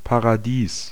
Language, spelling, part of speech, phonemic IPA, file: German, Paradies, noun, /paʁaˈdiːs/, De-Paradies.ogg
- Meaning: 1. paradise 2. atrium